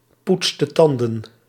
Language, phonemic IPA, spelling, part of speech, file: Dutch, /ˈputstə ˈtɑndə(n)/, poetste tanden, verb, Nl-poetste tanden.ogg
- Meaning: inflection of tandenpoetsen: 1. singular past indicative 2. singular past subjunctive